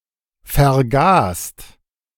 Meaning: second-person singular/plural preterite of vergessen
- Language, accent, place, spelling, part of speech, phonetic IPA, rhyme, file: German, Germany, Berlin, vergaßt, verb, [fɛɐ̯ˈɡaːst], -aːst, De-vergaßt.ogg